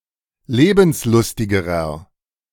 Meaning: inflection of lebenslustig: 1. strong/mixed nominative masculine singular comparative degree 2. strong genitive/dative feminine singular comparative degree 3. strong genitive plural comparative degree
- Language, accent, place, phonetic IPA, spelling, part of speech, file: German, Germany, Berlin, [ˈleːbn̩sˌlʊstɪɡəʁɐ], lebenslustigerer, adjective, De-lebenslustigerer.ogg